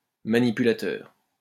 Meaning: 1. technician, operator 2. someone who is manipulative, a puppeteer 3. telegraph key
- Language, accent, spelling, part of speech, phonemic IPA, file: French, France, manipulateur, noun, /ma.ni.py.la.tœʁ/, LL-Q150 (fra)-manipulateur.wav